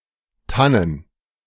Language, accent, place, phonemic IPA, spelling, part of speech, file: German, Germany, Berlin, /ˈtanən/, Tannen, noun, De-Tannen.ogg
- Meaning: plural of Tanne